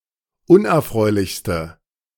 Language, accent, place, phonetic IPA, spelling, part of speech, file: German, Germany, Berlin, [ˈʊnʔɛɐ̯ˌfʁɔɪ̯lɪçstə], unerfreulichste, adjective, De-unerfreulichste.ogg
- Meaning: inflection of unerfreulich: 1. strong/mixed nominative/accusative feminine singular superlative degree 2. strong nominative/accusative plural superlative degree